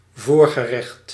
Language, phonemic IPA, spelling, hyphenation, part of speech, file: Dutch, /ˈvoːr.ɣəˌrɛxt/, voorgerecht, voor‧ge‧recht, noun, Nl-voorgerecht.ogg
- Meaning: a starter, the first course of a meal, an entrée